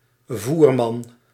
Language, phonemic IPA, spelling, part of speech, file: Dutch, /ˈvurman/, Voerman, proper noun, Nl-Voerman.ogg
- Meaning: Auriga